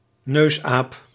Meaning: proboscis monkey (Nasalis larvatus)
- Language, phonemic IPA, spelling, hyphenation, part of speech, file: Dutch, /ˈnøːs.aːp/, neusaap, neus‧aap, noun, Nl-neusaap.ogg